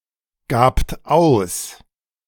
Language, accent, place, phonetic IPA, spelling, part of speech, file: German, Germany, Berlin, [ˌɡaːpt ˈaʊ̯s], gabt aus, verb, De-gabt aus.ogg
- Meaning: second-person plural preterite of ausgeben